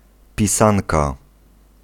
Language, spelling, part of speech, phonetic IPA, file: Polish, pisanka, noun, [pʲiˈsãnka], Pl-pisanka.ogg